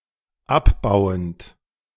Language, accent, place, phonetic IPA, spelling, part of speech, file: German, Germany, Berlin, [ˈapˌbaʊ̯ənt], abbauend, verb, De-abbauend.ogg
- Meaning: present participle of abbauen